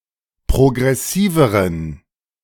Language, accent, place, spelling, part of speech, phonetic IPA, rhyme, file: German, Germany, Berlin, progressiveren, adjective, [pʁoɡʁɛˈsiːvəʁən], -iːvəʁən, De-progressiveren.ogg
- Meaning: inflection of progressiv: 1. strong genitive masculine/neuter singular comparative degree 2. weak/mixed genitive/dative all-gender singular comparative degree